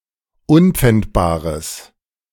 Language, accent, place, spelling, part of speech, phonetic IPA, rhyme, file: German, Germany, Berlin, unpfändbares, adjective, [ˈʊnp͡fɛntbaːʁəs], -ɛntbaːʁəs, De-unpfändbares.ogg
- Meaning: strong/mixed nominative/accusative neuter singular of unpfändbar